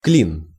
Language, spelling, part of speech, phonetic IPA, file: Russian, клин, noun, [klʲin], Ru-клин.ogg
- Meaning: 1. wedge 2. V formation (of birds, aircraft, etc.) 3. flying wedge 4. field(s) or an area of a field sown with one crop 5. gusset 6. quoin 7. jam, jam-up (blockage of a mechanism) 8. stupor